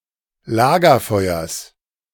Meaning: genitive singular of Lagerfeuer
- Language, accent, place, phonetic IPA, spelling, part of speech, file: German, Germany, Berlin, [ˈlaːɡɐˌfɔɪ̯ɐs], Lagerfeuers, noun, De-Lagerfeuers.ogg